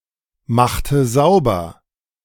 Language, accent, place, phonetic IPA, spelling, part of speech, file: German, Germany, Berlin, [ˌmaxtə ˈzaʊ̯bɐ], machte sauber, verb, De-machte sauber.ogg
- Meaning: inflection of saubermachen: 1. first/third-person singular preterite 2. first/third-person singular subjunctive II